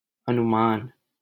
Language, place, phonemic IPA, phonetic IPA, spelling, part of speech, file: Hindi, Delhi, /ə.nʊ.mɑːn/, [ɐ.nʊ.mä̃ːn], अनुमान, noun, LL-Q1568 (hin)-अनुमान.wav
- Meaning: estimate, guess, inference, hypothesis